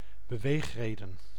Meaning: motive, reason to do something
- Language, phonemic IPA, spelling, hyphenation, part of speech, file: Dutch, /bəˈʋeːxˌreː.də(n)/, beweegreden, be‧weeg‧re‧den, noun, Nl-beweegreden.ogg